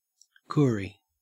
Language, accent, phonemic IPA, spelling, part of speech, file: English, Australia, /ˈkʊri/, Koori, noun, En-au-Koori.ogg
- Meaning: An indigenous Australian